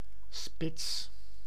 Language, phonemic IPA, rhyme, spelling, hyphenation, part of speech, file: Dutch, /spɪts/, -ɪts, spits, spits, adjective / noun, Nl-spits.ogg
- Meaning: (adjective) pointed; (noun) 1. a pointed tip 2. a top, a peak, a pinnacle or an apex 3. a spire 4. a striker (both the position and the player), often referring to the centre forward